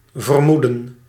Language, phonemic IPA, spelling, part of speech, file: Dutch, /vərˈmudə(n)/, vermoeden, verb / noun, Nl-vermoeden.ogg
- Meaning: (verb) 1. to suppose 2. to suspect; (noun) 1. suspicion, assumption, presumption 2. conjecture